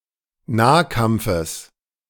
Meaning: genitive of Nahkampf
- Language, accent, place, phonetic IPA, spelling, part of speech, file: German, Germany, Berlin, [ˈnaːˌkamp͡fəs], Nahkampfes, noun, De-Nahkampfes.ogg